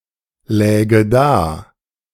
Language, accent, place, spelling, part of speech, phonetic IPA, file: German, Germany, Berlin, läge da, verb, [ˌlɛːɡə ˈdaː], De-läge da.ogg
- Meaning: first/third-person singular subjunctive II of daliegen